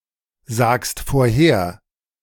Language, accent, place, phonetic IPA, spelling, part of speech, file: German, Germany, Berlin, [ˌzaːkst foːɐ̯ˈheːɐ̯], sagst vorher, verb, De-sagst vorher.ogg
- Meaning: second-person singular present of vorhersagen